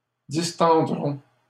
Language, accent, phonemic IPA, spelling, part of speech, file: French, Canada, /dis.tɑ̃.dʁɔ̃/, distendrons, verb, LL-Q150 (fra)-distendrons.wav
- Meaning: first-person plural simple future of distendre